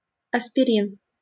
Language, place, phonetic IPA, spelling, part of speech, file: Russian, Saint Petersburg, [ɐspʲɪˈrʲin], аспирин, noun, LL-Q7737 (rus)-аспирин.wav
- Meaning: aspirin